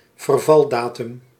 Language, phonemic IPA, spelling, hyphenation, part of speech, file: Dutch, /vərˈvɑlˌdaːtʏm/, vervaldatum, ver‧val‧da‧tum, noun, Nl-vervaldatum.ogg
- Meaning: 1. due date (of payment) 2. best before date